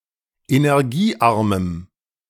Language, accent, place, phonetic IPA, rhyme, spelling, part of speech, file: German, Germany, Berlin, [enɛʁˈɡiːˌʔaʁməm], -iːʔaʁməm, energiearmem, adjective, De-energiearmem.ogg
- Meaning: strong dative masculine/neuter singular of energiearm